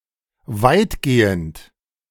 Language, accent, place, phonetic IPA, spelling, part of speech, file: German, Germany, Berlin, [ˈvaɪ̯tˌɡeːənt], weitgehend, adjective / adverb, De-weitgehend.ogg
- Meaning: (adjective) extensive; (adverb) to a large extent, largely, mostly, predominantly